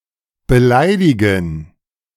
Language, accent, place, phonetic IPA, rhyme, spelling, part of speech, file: German, Germany, Berlin, [bəˈlaɪ̯dɪɡn̩], -aɪ̯dɪɡn̩, beleidigen, verb, De-beleidigen.ogg
- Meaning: to offend, to insult, to annoy